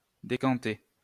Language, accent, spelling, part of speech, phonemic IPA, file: French, France, décanter, verb, /de.kɑ̃.te/, LL-Q150 (fra)-décanter.wav
- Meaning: 1. to decant, to clarify, to settle 2. to decant, to clarify